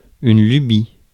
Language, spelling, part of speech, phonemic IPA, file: French, lubie, noun, /ly.bi/, Fr-lubie.ogg
- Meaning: whim, caprice